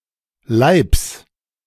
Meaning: genitive singular of Leib
- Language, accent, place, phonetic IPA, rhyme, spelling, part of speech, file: German, Germany, Berlin, [laɪ̯ps], -aɪ̯ps, Leibs, noun, De-Leibs.ogg